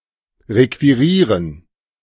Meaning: to commandeer, to requisition, to seize
- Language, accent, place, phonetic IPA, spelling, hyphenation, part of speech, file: German, Germany, Berlin, [ˌʁekviˈʁiːʁən], requirieren, re‧qui‧rie‧ren, verb, De-requirieren.ogg